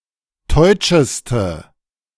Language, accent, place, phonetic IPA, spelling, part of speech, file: German, Germany, Berlin, [ˈtɔɪ̯t͡ʃəstə], teutscheste, adjective, De-teutscheste.ogg
- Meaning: inflection of teutsch: 1. strong/mixed nominative/accusative feminine singular superlative degree 2. strong nominative/accusative plural superlative degree